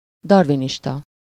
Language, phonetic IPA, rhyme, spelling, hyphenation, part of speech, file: Hungarian, [ˈdɒrviniʃtɒ], -tɒ, darwinista, dar‧wi‧nis‧ta, noun, Hu-darwinista.ogg
- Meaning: Darwinist